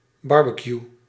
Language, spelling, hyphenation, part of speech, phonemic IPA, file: Dutch, barbecue, bar‧be‧cue, noun / verb, /ˈbɑr.bə.kju/, Nl-barbecue.ogg
- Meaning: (noun) barbecue; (verb) inflection of barbecueën: 1. first-person singular present indicative 2. second-person singular present indicative 3. imperative